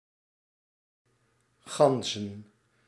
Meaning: plural of gans
- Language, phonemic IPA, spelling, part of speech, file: Dutch, /ˈɣɑnzə(n)/, ganzen, noun, Nl-ganzen.ogg